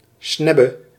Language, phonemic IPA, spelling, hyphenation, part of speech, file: Dutch, /ˈsnɛ.bə/, snebbe, sneb‧be, noun, Nl-snebbe.ogg
- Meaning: 1. beak 2. sharp prow; (also) rostrum